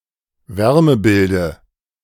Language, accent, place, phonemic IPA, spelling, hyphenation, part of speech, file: German, Germany, Berlin, /ˈvɛʁməˌbɪldə/, Wärmebilde, Wär‧me‧bil‧de, noun, De-Wärmebilde.ogg
- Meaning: dative singular of Wärmebild